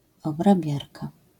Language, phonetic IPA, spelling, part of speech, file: Polish, [ˌɔbraˈbʲjarka], obrabiarka, noun, LL-Q809 (pol)-obrabiarka.wav